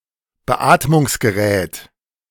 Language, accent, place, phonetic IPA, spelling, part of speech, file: German, Germany, Berlin, [bəˈʔaːtmʊŋsɡəˌʁɛːt], Beatmungsgerät, noun, De-Beatmungsgerät.ogg
- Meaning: medical ventilator